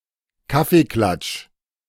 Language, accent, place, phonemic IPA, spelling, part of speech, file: German, Germany, Berlin, /ˈkafeːˌklatʃ/, Kaffeeklatsch, noun, De-Kaffeeklatsch.ogg
- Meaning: coffee klatch